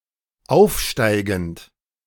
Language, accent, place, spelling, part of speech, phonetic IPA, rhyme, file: German, Germany, Berlin, aufsteigend, verb, [ˈaʊ̯fˌʃtaɪ̯ɡn̩t], -aʊ̯fʃtaɪ̯ɡn̩t, De-aufsteigend.ogg
- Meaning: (verb) present participle of aufsteigen; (adjective) 1. ascending, ascendant, increasing, rising 2. soaring